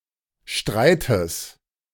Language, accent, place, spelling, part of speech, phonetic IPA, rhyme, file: German, Germany, Berlin, Streites, noun, [ˈʃtʁaɪ̯təs], -aɪ̯təs, De-Streites.ogg
- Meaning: genitive singular of Streit